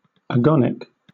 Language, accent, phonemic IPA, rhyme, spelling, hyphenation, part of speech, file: English, Southern England, /əˈɡɒnɪk/, -ɒnɪk, agonic, agon‧ic, adjective / noun, LL-Q1860 (eng)-agonic.wav
- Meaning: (adjective) 1. Lacking an angle 2. Having a magnetic deviation of zero 3. Synonym of agonal; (noun) Synonym of agonic line